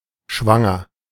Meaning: 1. pregnant (of humans) 2. pregnant, gravid (of animals) 3. full of, laden with
- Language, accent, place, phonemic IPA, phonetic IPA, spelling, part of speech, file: German, Germany, Berlin, /ˈʃvaŋər/, [ˈʃʋäŋɐ], schwanger, adjective, De-schwanger.ogg